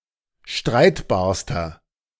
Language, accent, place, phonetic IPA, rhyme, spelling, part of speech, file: German, Germany, Berlin, [ˈʃtʁaɪ̯tbaːɐ̯stɐ], -aɪ̯tbaːɐ̯stɐ, streitbarster, adjective, De-streitbarster.ogg
- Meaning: inflection of streitbar: 1. strong/mixed nominative masculine singular superlative degree 2. strong genitive/dative feminine singular superlative degree 3. strong genitive plural superlative degree